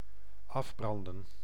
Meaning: to burn down
- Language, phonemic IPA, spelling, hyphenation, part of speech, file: Dutch, /ˈɑfˌbrɑndə(n)/, afbranden, af‧bran‧den, verb, Nl-afbranden.ogg